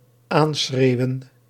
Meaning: 1. to shout on, to persist with shouting 2. to shout at, to address by shouting
- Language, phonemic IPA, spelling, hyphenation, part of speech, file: Dutch, /ˈaːnˌsxreːu̯.ə(n)/, aanschreeuwen, aan‧schreeu‧wen, verb, Nl-aanschreeuwen.ogg